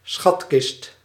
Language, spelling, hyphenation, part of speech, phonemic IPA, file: Dutch, schatkist, schat‧kist, noun, /ˈsxɑt.kɪst/, Nl-schatkist.ogg
- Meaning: 1. treasure chest 2. treasury; the financial means of a state, ruler or any organisation